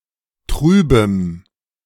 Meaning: strong dative masculine/neuter singular of trüb
- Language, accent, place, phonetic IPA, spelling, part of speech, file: German, Germany, Berlin, [ˈtʁyːbəm], trübem, adjective, De-trübem.ogg